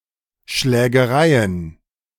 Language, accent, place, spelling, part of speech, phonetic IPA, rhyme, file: German, Germany, Berlin, Schlägereien, noun, [ʃlɛːɡəˈʁaɪ̯ən], -aɪ̯ən, De-Schlägereien.ogg
- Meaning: plural of Schlägerei